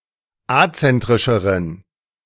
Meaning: inflection of azentrisch: 1. strong genitive masculine/neuter singular comparative degree 2. weak/mixed genitive/dative all-gender singular comparative degree
- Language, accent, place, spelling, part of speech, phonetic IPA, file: German, Germany, Berlin, azentrischeren, adjective, [ˈat͡sɛntʁɪʃəʁən], De-azentrischeren.ogg